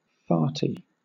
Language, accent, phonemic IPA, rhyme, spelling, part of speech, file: English, Southern England, /ˈfɑː(ɹ)ti/, -ɑː(ɹ)ti, farty, adjective, LL-Q1860 (eng)-farty.wav
- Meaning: 1. Resembling or characteristic of a fart; flatulent 2. Causing flatulence 3. Having flatulence 4. Small and insignificant; petty